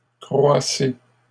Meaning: inflection of croître: 1. second-person plural present indicative 2. second-person plural imperative
- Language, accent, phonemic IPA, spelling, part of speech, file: French, Canada, /kʁwa.se/, croissez, verb, LL-Q150 (fra)-croissez.wav